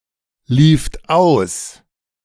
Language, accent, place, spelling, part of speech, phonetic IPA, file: German, Germany, Berlin, lieft aus, verb, [ˌliːft ˈaʊ̯s], De-lieft aus.ogg
- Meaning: second-person plural preterite of auslaufen